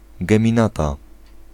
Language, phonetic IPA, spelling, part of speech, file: Polish, [ˌɡɛ̃mʲĩˈnata], geminata, noun, Pl-geminata.ogg